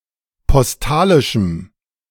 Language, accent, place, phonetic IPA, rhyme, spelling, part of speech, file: German, Germany, Berlin, [pɔsˈtaːlɪʃm̩], -aːlɪʃm̩, postalischem, adjective, De-postalischem.ogg
- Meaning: strong dative masculine/neuter singular of postalisch